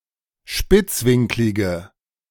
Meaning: inflection of spitzwinklig: 1. strong/mixed nominative/accusative feminine singular 2. strong nominative/accusative plural 3. weak nominative all-gender singular
- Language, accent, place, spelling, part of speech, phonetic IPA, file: German, Germany, Berlin, spitzwinklige, adjective, [ˈʃpɪt͡sˌvɪŋklɪɡə], De-spitzwinklige.ogg